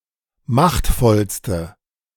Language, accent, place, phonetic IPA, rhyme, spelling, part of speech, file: German, Germany, Berlin, [ˈmaxtfɔlstə], -axtfɔlstə, machtvollste, adjective, De-machtvollste.ogg
- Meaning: inflection of machtvoll: 1. strong/mixed nominative/accusative feminine singular superlative degree 2. strong nominative/accusative plural superlative degree